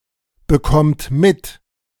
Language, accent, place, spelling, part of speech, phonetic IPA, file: German, Germany, Berlin, bekommt mit, verb, [bəˌkɔmt ˈmɪt], De-bekommt mit.ogg
- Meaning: second-person plural present of mitbekommen